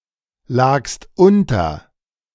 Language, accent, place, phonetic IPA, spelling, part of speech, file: German, Germany, Berlin, [ˌlaːkst ˈʔʊntɐ], lagst unter, verb, De-lagst unter.ogg
- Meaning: second-person singular preterite of unterliegen